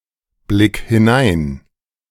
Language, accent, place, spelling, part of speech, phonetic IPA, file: German, Germany, Berlin, blick hinein, verb, [ˌblɪk hɪˈnaɪ̯n], De-blick hinein.ogg
- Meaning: 1. singular imperative of hineinblicken 2. first-person singular present of hineinblicken